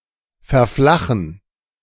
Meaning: to flatten (out)
- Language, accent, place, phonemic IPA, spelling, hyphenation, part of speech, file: German, Germany, Berlin, /fɛʁˈflaxn̩/, verflachen, ver‧fla‧chen, verb, De-verflachen.ogg